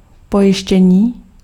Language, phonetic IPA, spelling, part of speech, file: Czech, [ˈpojɪʃcɛɲiː], pojištění, noun, Cs-pojištění.ogg
- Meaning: 1. verbal noun of pojistit 2. insurance (indemnity)